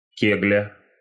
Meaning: skittle, bowling pin
- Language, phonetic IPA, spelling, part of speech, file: Russian, [ˈkʲeɡlʲə], кегля, noun, Ru-кегля.ogg